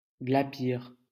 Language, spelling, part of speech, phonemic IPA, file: French, glapir, verb, /ɡla.piʁ/, LL-Q150 (fra)-glapir.wav
- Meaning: 1. to yelp, bark 2. to shriek